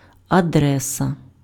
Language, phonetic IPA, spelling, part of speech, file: Ukrainian, [ɐˈdrɛsɐ], адреса, noun, Uk-адреса.ogg